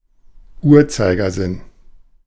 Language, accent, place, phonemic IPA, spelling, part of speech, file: German, Germany, Berlin, /ˈuːɐ̯t͡saɪ̯ɡɐˌzɪn/, Uhrzeigersinn, noun, De-Uhrzeigersinn.ogg
- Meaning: clockwise direction